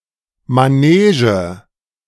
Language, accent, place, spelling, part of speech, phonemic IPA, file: German, Germany, Berlin, Manege, noun, /maˈneːʒə/, De-Manege.ogg
- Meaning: ring